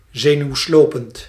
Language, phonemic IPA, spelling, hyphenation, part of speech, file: Dutch, /ˌzeː.nyu̯ˈsloː.pənt/, zenuwslopend, ze‧nuw‧slo‧pend, adjective, Nl-zenuwslopend.ogg
- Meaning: nerve-racking